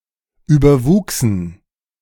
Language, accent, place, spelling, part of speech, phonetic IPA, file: German, Germany, Berlin, überwuchsen, verb, [ˌyːbɐˈvuːksn̩], De-überwuchsen.ogg
- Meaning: first/third-person plural preterite of überwachsen